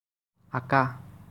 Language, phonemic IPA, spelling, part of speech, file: Assamese, /ãkɑ/, আঁকা, adjective, As-আঁকা.ogg
- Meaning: drawn, illustrated